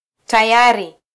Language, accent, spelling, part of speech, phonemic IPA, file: Swahili, Kenya, tayari, adjective, /tɑˈjɑ.ɾi/, Sw-ke-tayari.flac
- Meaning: ready, done, prepared